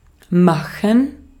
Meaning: 1. to make, to produce, to create (an object, arrangement, situation, etc.) 2. to make, prepare (food, drinks, etc.) 3. to do, perform, carry out (an action) (to execute; to put into operation)
- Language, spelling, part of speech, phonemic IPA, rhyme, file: German, machen, verb, /ˈmaxən/, -axən, De-at-machen.ogg